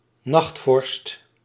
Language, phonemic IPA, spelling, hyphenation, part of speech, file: Dutch, /ˈnɑxt.fɔrst/, nachtvorst, nacht‧vorst, noun, Nl-nachtvorst.ogg
- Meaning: overnight frost, ground frost